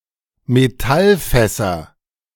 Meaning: nominative/accusative/genitive plural of Metallfass (or Metallfaß, the pre-1996 spelling)
- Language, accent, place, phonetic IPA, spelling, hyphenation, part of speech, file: German, Germany, Berlin, [meˈtalˌfɛsɐ], Metallfässer, Me‧tall‧fäs‧ser, noun, De-Metallfässer.ogg